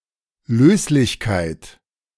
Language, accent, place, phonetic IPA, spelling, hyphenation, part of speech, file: German, Germany, Berlin, [ˈløːslɪçkaɪ̯t], Löslichkeit, Lös‧lich‧keit, noun, De-Löslichkeit.ogg
- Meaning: solubility